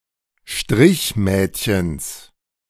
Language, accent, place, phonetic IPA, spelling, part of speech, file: German, Germany, Berlin, [ˈʃtʁɪçˌmɛːtçəns], Strichmädchens, noun, De-Strichmädchens.ogg
- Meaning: genitive singular of Strichmädchen